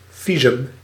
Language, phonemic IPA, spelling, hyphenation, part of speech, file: Dutch, /ˈvi.zʏm/, visum, vi‧sum, noun, Nl-visum.ogg
- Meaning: visa (permit for entering or leaving a country)